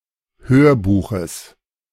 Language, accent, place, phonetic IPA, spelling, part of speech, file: German, Germany, Berlin, [ˈhøːɐ̯ˌbuːxəs], Hörbuches, noun, De-Hörbuches.ogg
- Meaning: genitive of Hörbuch